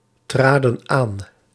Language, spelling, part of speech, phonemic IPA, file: Dutch, traden aan, verb, /ˈtradə(n) ˈan/, Nl-traden aan.ogg
- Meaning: inflection of aantreden: 1. plural past indicative 2. plural past subjunctive